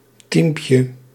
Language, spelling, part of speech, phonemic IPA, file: Dutch, teampje, noun, /ˈtiːmpjə/, Nl-teampje.ogg
- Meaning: diminutive of team